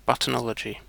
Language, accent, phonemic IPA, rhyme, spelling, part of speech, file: English, UK, /ˈbʌtənɒləd͡ʒi/, -ɒlədʒi, buttonology, noun, En-uk-buttonology.ogg
- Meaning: 1. The study of buttons (clothing fasteners and badges) 2. An exaggerated and pointlessly pedantic systematization, especially of something trivial